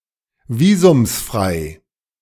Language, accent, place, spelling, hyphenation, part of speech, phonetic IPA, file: German, Germany, Berlin, visumsfrei, vi‧sums‧frei, adjective, [ˈviːzʊmsˌfʁaɪ̯], De-visumsfrei.ogg
- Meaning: alternative form of visumfrei